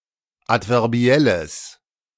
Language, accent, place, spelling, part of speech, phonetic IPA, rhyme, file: German, Germany, Berlin, adverbielles, adjective, [ˌatvɛʁˈbi̯ɛləs], -ɛləs, De-adverbielles.ogg
- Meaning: strong/mixed nominative/accusative neuter singular of adverbiell